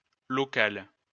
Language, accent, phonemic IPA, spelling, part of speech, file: French, France, /lɔ.kal/, locale, adjective, LL-Q150 (fra)-locale.wav
- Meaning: feminine singular of local